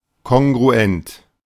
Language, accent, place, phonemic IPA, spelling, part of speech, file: German, Germany, Berlin, /ˌkɔŋɡʁuˈɛnt/, kongruent, adjective, De-kongruent.ogg
- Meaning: 1. congruent (with difference divisible by modulus) 2. congruous, corresponding